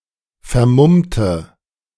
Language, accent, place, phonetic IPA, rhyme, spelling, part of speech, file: German, Germany, Berlin, [fɛɐ̯ˈmʊmtə], -ʊmtə, vermummte, adjective / verb, De-vermummte.ogg
- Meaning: inflection of vermummen: 1. first/third-person singular preterite 2. first/third-person singular subjunctive II